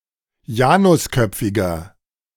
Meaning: inflection of janusköpfig: 1. strong/mixed nominative masculine singular 2. strong genitive/dative feminine singular 3. strong genitive plural
- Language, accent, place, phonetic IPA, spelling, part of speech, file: German, Germany, Berlin, [ˈjaːnʊsˌkœp͡fɪɡɐ], janusköpfiger, adjective, De-janusköpfiger.ogg